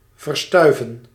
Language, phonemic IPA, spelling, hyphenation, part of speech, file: Dutch, /ˌvərˈstœy̯.və(n)/, verstuiven, ver‧stui‧ven, verb, Nl-verstuiven.ogg
- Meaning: 1. to nebulize, to dissolve into airborne particles 2. to be blown away or displaced by the wind